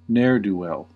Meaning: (noun) A person without a means of support; an idle, worthless person; a loafer; a person who is ineffectual, unsuccessful, or completely lacking in merit; a good-for-nothing
- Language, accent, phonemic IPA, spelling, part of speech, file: English, General American, /ˈnɛɹ.duˌwɛl/, ne'er-do-well, noun / adjective, En-us-ne'er-do-well.ogg